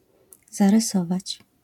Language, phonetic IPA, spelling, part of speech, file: Polish, [ˌzarɨˈsɔvat͡ɕ], zarysować, verb, LL-Q809 (pol)-zarysować.wav